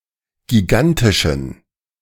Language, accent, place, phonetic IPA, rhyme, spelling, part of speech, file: German, Germany, Berlin, [ɡiˈɡantɪʃn̩], -antɪʃn̩, gigantischen, adjective, De-gigantischen.ogg
- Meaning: inflection of gigantisch: 1. strong genitive masculine/neuter singular 2. weak/mixed genitive/dative all-gender singular 3. strong/weak/mixed accusative masculine singular 4. strong dative plural